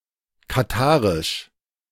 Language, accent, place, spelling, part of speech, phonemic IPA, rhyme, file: German, Germany, Berlin, katarisch, adjective, /kaˈtaːʁɪʃ/, -aːʁɪʃ, De-katarisch.ogg
- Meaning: of Qatar; Qatari (of, from, or pertaining to Qatar, the Qatari people or the Qatari language)